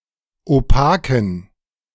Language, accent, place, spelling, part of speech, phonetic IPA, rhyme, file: German, Germany, Berlin, opaken, adjective, [oˈpaːkn̩], -aːkn̩, De-opaken.ogg
- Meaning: inflection of opak: 1. strong genitive masculine/neuter singular 2. weak/mixed genitive/dative all-gender singular 3. strong/weak/mixed accusative masculine singular 4. strong dative plural